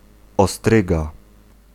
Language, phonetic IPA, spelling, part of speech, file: Polish, [ɔˈstrɨɡa], ostryga, noun, Pl-ostryga.ogg